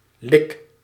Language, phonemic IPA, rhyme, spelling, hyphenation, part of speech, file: Dutch, /lɪk/, -ɪk, lik, lik, noun / verb, Nl-lik.ogg
- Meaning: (noun) 1. lick (a caress with the tongue) 2. a small amount 3. prison, jail; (verb) inflection of likken: 1. first-person singular present indicative 2. second-person singular present indicative